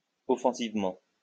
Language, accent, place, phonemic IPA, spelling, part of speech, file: French, France, Lyon, /ɔ.fɑ̃.siv.mɑ̃/, offensivement, adverb, LL-Q150 (fra)-offensivement.wav
- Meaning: offensively